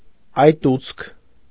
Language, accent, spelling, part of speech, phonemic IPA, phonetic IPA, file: Armenian, Eastern Armenian, այտուց, noun, /ɑjˈtut͡sʰ/, [ɑjtút͡sʰ], Hy-այտուց.ogg
- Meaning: swelling; edema